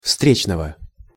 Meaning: genitive/accusative singular of встре́чный (vstréčnyj)
- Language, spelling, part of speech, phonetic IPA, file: Russian, встречного, noun, [ˈfstrʲet͡ɕnəvə], Ru-встречного.ogg